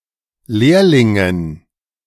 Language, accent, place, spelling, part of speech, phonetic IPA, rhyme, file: German, Germany, Berlin, Lehrlingen, noun, [ˈleːɐ̯lɪŋən], -eːɐ̯lɪŋən, De-Lehrlingen.ogg
- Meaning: dative plural of Lehrling